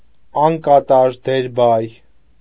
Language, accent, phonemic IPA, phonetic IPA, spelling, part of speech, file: Armenian, Eastern Armenian, /ɑnkɑˈtɑɾ deɾˈbɑj/, [ɑŋkɑtɑ́ɾ deɾbɑ́j], անկատար դերբայ, noun, Hy-անկատար դերբայ.ogg
- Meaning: imperfective converb